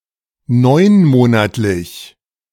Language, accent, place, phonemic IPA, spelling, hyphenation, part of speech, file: German, Germany, Berlin, /ˈnɔɪ̯nˌmoːnatlɪç/, neunmonatlich, neun‧mo‧nat‧lich, adjective, De-neunmonatlich.ogg
- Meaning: nine-monthly (occurring once every nine months)